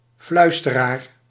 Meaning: a whisperer (one who whispers)
- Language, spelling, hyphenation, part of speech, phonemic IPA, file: Dutch, fluisteraar, fluis‧te‧raar, noun, /ˈflœy̯s.təˌraːr/, Nl-fluisteraar.ogg